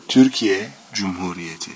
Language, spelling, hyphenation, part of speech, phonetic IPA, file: Turkish, Türkiye Cumhuriyeti, Tür‧ki‧ye Cum‧hu‧ri‧ye‧ti, proper noun, [t̪ʰýɾ̞̊.k̟ʰi.je̞ d͡ʒum.huː.ɾi.je̞.t̪ʰɪ], Tur-Türkiye Cumhuriyeti.ogg
- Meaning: Republic of Türkiye (official name of Turkey: a country in West Asia and Southeastern Europe)